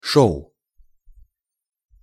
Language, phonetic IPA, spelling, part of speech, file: Russian, [ˈʂoʊ], шоу, noun, Ru-шоу.ogg
- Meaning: show (entertainment)